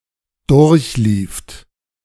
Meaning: second-person plural preterite of durchlaufen
- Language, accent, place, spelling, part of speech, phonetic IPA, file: German, Germany, Berlin, durchlieft, verb, [ˈdʊʁçˌliːft], De-durchlieft.ogg